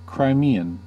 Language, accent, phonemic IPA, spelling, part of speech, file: English, US, /kɹaɪˈmi.ən/, Crimean, adjective / noun / proper noun, En-us-Crimean.ogg
- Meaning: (adjective) Denoting, of, or related to Crimea, a peninsula on the north of the Black Sea, separating it from the Sea of Azov; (noun) Native or inhabitant of the Crimea